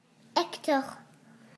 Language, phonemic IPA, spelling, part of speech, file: French, /ɛk.tɔʁ/, Hector, proper noun, Fr-Hector.ogg
- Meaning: 1. Hector 2. a male given name from Ancient Greek